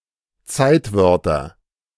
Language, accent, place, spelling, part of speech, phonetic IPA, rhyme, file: German, Germany, Berlin, Zeitwörter, noun, [ˈt͡saɪ̯tˌvœʁtɐ], -aɪ̯tvœʁtɐ, De-Zeitwörter.ogg
- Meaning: nominative/accusative/genitive plural of Zeitwort